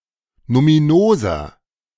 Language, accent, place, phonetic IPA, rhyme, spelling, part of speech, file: German, Germany, Berlin, [numiˈnoːzɐ], -oːzɐ, numinoser, adjective, De-numinoser.ogg
- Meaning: inflection of numinos: 1. strong/mixed nominative masculine singular 2. strong genitive/dative feminine singular 3. strong genitive plural